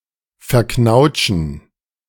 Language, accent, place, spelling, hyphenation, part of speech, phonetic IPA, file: German, Germany, Berlin, verknautschen, ver‧knaut‧schen, verb, [fɛɐ̯ˈknaʊ̯t͡ʃn̩], De-verknautschen.ogg
- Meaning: to crumple